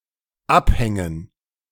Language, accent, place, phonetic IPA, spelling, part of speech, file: German, Germany, Berlin, [ˈapˌhɛŋən], Abhängen, noun, De-Abhängen.ogg
- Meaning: 1. gerund of abhängen 2. dative plural of Abhang